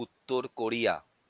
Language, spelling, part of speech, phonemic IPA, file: Bengali, উত্তর কোরিয়া, proper noun, /ut̪.t̪oɹ ko.ɹi̯a/, LL-Q9610 (ben)-উত্তর কোরিয়া.wav
- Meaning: North Korea (a country in East Asia)